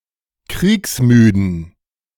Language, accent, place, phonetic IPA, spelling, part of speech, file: German, Germany, Berlin, [ˈkʁiːksˌmyːdn̩], kriegsmüden, adjective, De-kriegsmüden.ogg
- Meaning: inflection of kriegsmüde: 1. strong genitive masculine/neuter singular 2. weak/mixed genitive/dative all-gender singular 3. strong/weak/mixed accusative masculine singular 4. strong dative plural